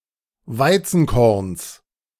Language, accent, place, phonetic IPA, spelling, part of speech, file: German, Germany, Berlin, [ˈvaɪ̯t͡sn̩ˌkɔʁns], Weizenkorns, noun, De-Weizenkorns.ogg
- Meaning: genitive of Weizenkorn